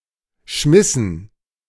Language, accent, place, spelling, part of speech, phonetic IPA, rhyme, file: German, Germany, Berlin, schmissen, verb, [ˈʃmɪsn̩], -ɪsn̩, De-schmissen.ogg
- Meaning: inflection of schmeißen: 1. first/third-person plural preterite 2. first/third-person plural subjunctive II